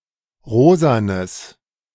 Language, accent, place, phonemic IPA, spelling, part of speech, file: German, Germany, Berlin, /ˈʁoːzanəs/, rosanes, adjective, De-rosanes.ogg
- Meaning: strong/mixed nominative/accusative neuter singular of rosa